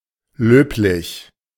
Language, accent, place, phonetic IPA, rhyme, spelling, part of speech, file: German, Germany, Berlin, [ˈløːplɪç], -øːplɪç, löblich, adjective, De-löblich.ogg
- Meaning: laudable